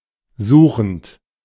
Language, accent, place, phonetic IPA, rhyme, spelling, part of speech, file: German, Germany, Berlin, [ˈzuːxn̩t], -uːxn̩t, suchend, verb, De-suchend.ogg
- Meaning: present participle of suchen